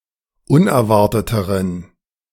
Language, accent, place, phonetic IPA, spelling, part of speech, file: German, Germany, Berlin, [ˈʊnɛɐ̯ˌvaʁtətəʁən], unerwarteteren, adjective, De-unerwarteteren.ogg
- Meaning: inflection of unerwartet: 1. strong genitive masculine/neuter singular comparative degree 2. weak/mixed genitive/dative all-gender singular comparative degree